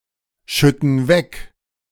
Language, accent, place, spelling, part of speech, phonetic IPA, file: German, Germany, Berlin, schütten weg, verb, [ˌʃʏtn̩ ˈvɛk], De-schütten weg.ogg
- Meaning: inflection of wegschütten: 1. first/third-person plural present 2. first/third-person plural subjunctive I